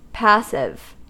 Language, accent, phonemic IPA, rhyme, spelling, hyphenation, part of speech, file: English, US, /ˈpæs.ɪv/, -æsɪv, passive, pas‧sive, adjective / noun, En-us-passive.ogg
- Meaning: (adjective) 1. Being subjected to an action without producing a reaction 2. Taking no action 3. Being in the passive voice